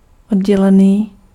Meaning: separate
- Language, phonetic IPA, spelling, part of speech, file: Czech, [ˈodɟɛlɛniː], oddělený, adjective, Cs-oddělený.ogg